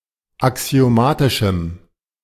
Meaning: strong dative masculine/neuter singular of axiomatisch
- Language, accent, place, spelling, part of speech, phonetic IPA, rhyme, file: German, Germany, Berlin, axiomatischem, adjective, [aksi̯oˈmaːtɪʃm̩], -aːtɪʃm̩, De-axiomatischem.ogg